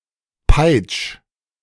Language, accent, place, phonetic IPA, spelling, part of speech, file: German, Germany, Berlin, [paɪ̯t͡ʃ], peitsch, verb, De-peitsch.ogg
- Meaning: 1. singular imperative of peitschen 2. first-person singular present of peitschen